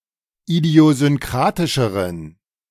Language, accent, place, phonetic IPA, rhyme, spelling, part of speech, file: German, Germany, Berlin, [idi̯ozʏnˈkʁaːtɪʃəʁən], -aːtɪʃəʁən, idiosynkratischeren, adjective, De-idiosynkratischeren.ogg
- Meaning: inflection of idiosynkratisch: 1. strong genitive masculine/neuter singular comparative degree 2. weak/mixed genitive/dative all-gender singular comparative degree